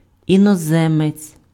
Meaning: foreigner
- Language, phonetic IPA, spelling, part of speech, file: Ukrainian, [inɔˈzɛmet͡sʲ], іноземець, noun, Uk-іноземець.ogg